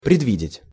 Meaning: to foresee, to foreknow, to see coming
- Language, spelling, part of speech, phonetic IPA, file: Russian, предвидеть, verb, [prʲɪdˈvʲidʲɪtʲ], Ru-предвидеть.ogg